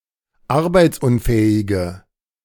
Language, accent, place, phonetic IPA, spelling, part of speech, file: German, Germany, Berlin, [ˈaʁbaɪ̯t͡sˌʔʊnfɛːɪɡə], arbeitsunfähige, adjective, De-arbeitsunfähige.ogg
- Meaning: inflection of arbeitsunfähig: 1. strong/mixed nominative/accusative feminine singular 2. strong nominative/accusative plural 3. weak nominative all-gender singular